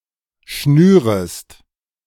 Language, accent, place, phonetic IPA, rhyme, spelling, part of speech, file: German, Germany, Berlin, [ˈʃnyːʁəst], -yːʁəst, schnürest, verb, De-schnürest.ogg
- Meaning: second-person singular subjunctive I of schnüren